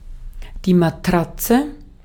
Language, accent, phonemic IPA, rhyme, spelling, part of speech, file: German, Austria, /maˈtʁat͡sə/, -atsə, Matratze, noun, De-at-Matratze.ogg
- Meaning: 1. mattress (a pad often of soft cushiony material for sleeping on) 2. clipping of Dorfmatratze: town bicycle